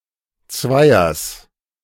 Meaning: genitive singular of Zweier
- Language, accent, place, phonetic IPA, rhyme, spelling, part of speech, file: German, Germany, Berlin, [ˈt͡svaɪ̯ɐs], -aɪ̯ɐs, Zweiers, noun, De-Zweiers.ogg